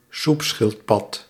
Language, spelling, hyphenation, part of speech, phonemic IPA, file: Dutch, soepschildpad, soep‧schild‧pad, noun, /ˈsupˌsxɪl(t).pɑt/, Nl-soepschildpad.ogg
- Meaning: green sea turtle (Chelonia mydas)